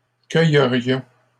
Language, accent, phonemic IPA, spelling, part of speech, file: French, Canada, /kœ.jə.ʁjɔ̃/, cueillerions, verb, LL-Q150 (fra)-cueillerions.wav
- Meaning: first-person plural conditional of cueillir